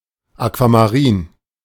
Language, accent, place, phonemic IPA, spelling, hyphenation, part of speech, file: German, Germany, Berlin, /akvamaˈʁiːn/, Aquamarin, Aqua‧ma‧rin, noun, De-Aquamarin.ogg
- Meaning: aquamarine